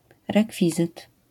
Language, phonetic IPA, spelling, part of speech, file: Polish, [rɛˈkfʲizɨt], rekwizyt, noun, LL-Q809 (pol)-rekwizyt.wav